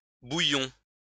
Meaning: inflection of bouillir: 1. first-person plural imperfect indicative 2. first-person plural present subjunctive
- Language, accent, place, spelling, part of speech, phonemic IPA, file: French, France, Lyon, bouillions, verb, /buj.jɔ̃/, LL-Q150 (fra)-bouillions.wav